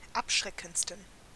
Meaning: 1. superlative degree of abschreckend 2. inflection of abschreckend: strong genitive masculine/neuter singular superlative degree
- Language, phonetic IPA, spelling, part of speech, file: German, [ˈapˌʃʁɛkn̩t͡stən], abschreckendsten, adjective, De-abschreckendsten.oga